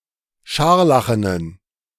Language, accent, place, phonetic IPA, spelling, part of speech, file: German, Germany, Berlin, [ˈʃaʁlaxənən], scharlachenen, adjective, De-scharlachenen.ogg
- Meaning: inflection of scharlachen: 1. strong genitive masculine/neuter singular 2. weak/mixed genitive/dative all-gender singular 3. strong/weak/mixed accusative masculine singular 4. strong dative plural